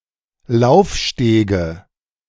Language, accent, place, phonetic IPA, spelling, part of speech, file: German, Germany, Berlin, [ˈlaʊ̯fˌʃteːɡə], Laufstege, noun, De-Laufstege.ogg
- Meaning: nominative/accusative/genitive plural of Laufsteg